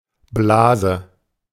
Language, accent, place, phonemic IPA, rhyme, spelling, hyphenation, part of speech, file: German, Germany, Berlin, /ˈblaːzə/, -aːzə, Blase, Bla‧se, noun, De-Blase.ogg
- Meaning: 1. bubble 2. bubble (as in social bubble, internet bubble) 3. blister 4. bladder